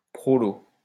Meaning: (adjective) prole
- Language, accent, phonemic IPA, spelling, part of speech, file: French, France, /pʁɔ.lo/, prolo, adjective / noun, LL-Q150 (fra)-prolo.wav